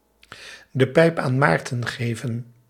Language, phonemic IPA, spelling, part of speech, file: Dutch, /də ˈpɛi̯p aːn ˈmaːrtə(n)ˈɣeː.və(n)/, de pijp aan Maarten geven, verb, Nl-de pijp aan Maarten geven.ogg
- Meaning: 1. to give up, to throw in the towel 2. to die